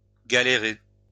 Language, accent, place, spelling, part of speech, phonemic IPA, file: French, France, Lyon, galérer, verb, /ɡa.le.ʁe/, LL-Q150 (fra)-galérer.wav
- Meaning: to have a hard time (be in difficulties)